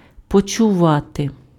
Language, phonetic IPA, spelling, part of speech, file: Ukrainian, [pɔt͡ʃʊˈʋate], почувати, verb, Uk-почувати.ogg
- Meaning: 1. to feel, to sense 2. to feel